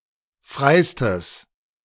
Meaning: strong/mixed nominative/accusative neuter singular superlative degree of frei
- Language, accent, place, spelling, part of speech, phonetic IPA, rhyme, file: German, Germany, Berlin, freistes, adjective, [ˈfʁaɪ̯stəs], -aɪ̯stəs, De-freistes.ogg